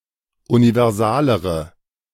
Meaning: inflection of universal: 1. strong/mixed nominative/accusative feminine singular comparative degree 2. strong nominative/accusative plural comparative degree
- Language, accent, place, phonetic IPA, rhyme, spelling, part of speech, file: German, Germany, Berlin, [univɛʁˈzaːləʁə], -aːləʁə, universalere, adjective, De-universalere.ogg